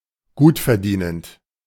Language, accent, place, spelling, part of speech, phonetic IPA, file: German, Germany, Berlin, gutverdienend, adjective, [ˈɡuːtfɛɐ̯ˌdiːnənt], De-gutverdienend.ogg
- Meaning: well-paid